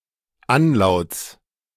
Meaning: genitive singular of Anlaut
- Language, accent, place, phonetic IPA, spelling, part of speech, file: German, Germany, Berlin, [ˈanˌlaʊ̯t͡s], Anlauts, noun, De-Anlauts.ogg